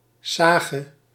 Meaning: story of heraldry and valor, a saga
- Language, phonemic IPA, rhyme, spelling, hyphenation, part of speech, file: Dutch, /ˈsaːɣə/, -aːɣə, sage, sa‧ge, noun, Nl-sage.ogg